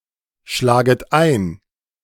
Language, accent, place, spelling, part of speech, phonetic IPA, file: German, Germany, Berlin, schlaget ein, verb, [ˌʃlaːɡət ˈaɪ̯n], De-schlaget ein.ogg
- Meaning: second-person plural subjunctive I of einschlagen